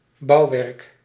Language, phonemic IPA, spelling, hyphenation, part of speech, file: Dutch, /ˈbɑu̯.ʋɛrk/, bouwwerk, bouw‧werk, noun, Nl-bouwwerk.ogg
- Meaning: a building, construction (i.e. something which has been built/constructed)